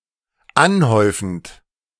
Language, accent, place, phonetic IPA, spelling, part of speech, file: German, Germany, Berlin, [ˈanˌhɔɪ̯fn̩t], anhäufend, verb / adjective, De-anhäufend.ogg
- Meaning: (verb) present participle of anhäufen (“to accumulate”); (adjective) piling, accumulating, cumulating